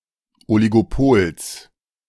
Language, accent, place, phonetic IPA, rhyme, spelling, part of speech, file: German, Germany, Berlin, [ˌɔliɡoˈpoːls], -oːls, Oligopols, noun, De-Oligopols.ogg
- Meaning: genitive of Oligopol